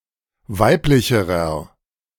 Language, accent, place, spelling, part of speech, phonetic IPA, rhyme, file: German, Germany, Berlin, weiblicherer, adjective, [ˈvaɪ̯plɪçəʁɐ], -aɪ̯plɪçəʁɐ, De-weiblicherer.ogg
- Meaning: inflection of weiblich: 1. strong/mixed nominative masculine singular comparative degree 2. strong genitive/dative feminine singular comparative degree 3. strong genitive plural comparative degree